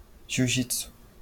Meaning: 1. jujitsu (a Japanese martial art) 2. Brazilian jiu-jitsu (a Brazilian martial art based on jujitsu)
- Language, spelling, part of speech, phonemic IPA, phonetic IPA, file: Portuguese, jiu-jitsu, noun, /ʒiwˈʒit.su/, [ʒiʊ̯ˈʒit.su], LL-Q5146 (por)-jiu-jitsu.wav